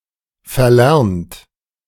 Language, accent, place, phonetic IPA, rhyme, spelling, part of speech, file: German, Germany, Berlin, [fɛɐ̯ˈlɛʁnt], -ɛʁnt, verlernt, verb, De-verlernt.ogg
- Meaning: 1. past participle of verlernen 2. inflection of verlernen: third-person singular present 3. inflection of verlernen: second-person plural present 4. inflection of verlernen: plural imperative